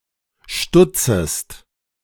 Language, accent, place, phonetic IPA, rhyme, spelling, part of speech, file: German, Germany, Berlin, [ˈʃtʊt͡səst], -ʊt͡səst, stutzest, verb, De-stutzest.ogg
- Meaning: second-person singular subjunctive I of stutzen